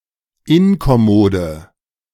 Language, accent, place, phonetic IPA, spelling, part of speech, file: German, Germany, Berlin, [ˈɪnkɔˌmoːdə], inkommode, adjective, De-inkommode.ogg
- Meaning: inflection of inkommod: 1. strong/mixed nominative/accusative feminine singular 2. strong nominative/accusative plural 3. weak nominative all-gender singular